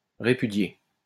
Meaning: to repudiate
- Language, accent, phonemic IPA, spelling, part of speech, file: French, France, /ʁe.py.dje/, répudier, verb, LL-Q150 (fra)-répudier.wav